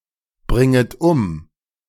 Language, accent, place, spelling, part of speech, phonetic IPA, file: German, Germany, Berlin, bringet um, verb, [ˌbʁɪŋət ˈʊm], De-bringet um.ogg
- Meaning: second-person plural subjunctive I of umbringen